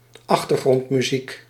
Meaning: background music
- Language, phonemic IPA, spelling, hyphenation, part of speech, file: Dutch, /ˈɑx.tər.ɣrɔnt.myˌzik/, achtergrondmuziek, ach‧ter‧grond‧mu‧ziek, noun, Nl-achtergrondmuziek.ogg